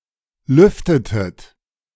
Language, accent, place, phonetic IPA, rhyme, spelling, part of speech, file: German, Germany, Berlin, [ˈlʏftətət], -ʏftətət, lüftetet, verb, De-lüftetet.ogg
- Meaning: inflection of lüften: 1. second-person plural preterite 2. second-person plural subjunctive II